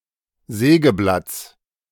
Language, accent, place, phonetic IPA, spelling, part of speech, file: German, Germany, Berlin, [ˈzɛːɡəˌblat͡s], Sägeblatts, noun, De-Sägeblatts.ogg
- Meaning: genitive singular of Sägeblatt